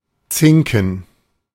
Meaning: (adjective) zinc; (verb) 1. mark 2. mark (something, someone) by giving a sign/signal/hint/tip-off and thus give away (sb. or sth. to sb.)
- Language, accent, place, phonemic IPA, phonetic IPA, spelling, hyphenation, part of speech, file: German, Germany, Berlin, /ˈt͡sɪŋkn̩/, [ˈt͡sɪŋkŋ̩], zinken, zin‧ken, adjective / verb, De-zinken.ogg